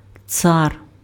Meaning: 1. king 2. emperor
- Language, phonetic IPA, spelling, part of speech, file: Ukrainian, [t͡sar], цар, noun, Uk-цар.ogg